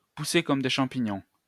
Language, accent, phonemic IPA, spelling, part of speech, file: French, France, /pu.se kɔm de ʃɑ̃.pi.ɲɔ̃/, pousser comme des champignons, verb, LL-Q150 (fra)-pousser comme des champignons.wav
- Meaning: to crop up all over the place, to sprout up everywhere, to spring up like mushrooms